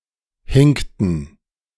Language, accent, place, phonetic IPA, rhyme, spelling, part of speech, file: German, Germany, Berlin, [ˈhɪŋktn̩], -ɪŋktn̩, hinkten, verb, De-hinkten.ogg
- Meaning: inflection of hinken: 1. first/third-person plural preterite 2. first/third-person plural subjunctive II